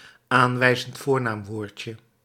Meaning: diminutive of aanwijzend voornaamwoord
- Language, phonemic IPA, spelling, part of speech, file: Dutch, /ˈaɱwɛizənt ˈvornamˌworcə/, aanwijzend voornaamwoordje, phrase, Nl-aanwijzend voornaamwoordje.ogg